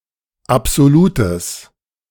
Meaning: strong/mixed nominative/accusative neuter singular of absolut
- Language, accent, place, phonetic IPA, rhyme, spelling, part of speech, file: German, Germany, Berlin, [apz̥oˈluːtəs], -uːtəs, absolutes, adjective, De-absolutes.ogg